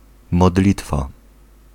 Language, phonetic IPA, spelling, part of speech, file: Polish, [mɔˈdlʲitfa], modlitwa, noun, Pl-modlitwa.ogg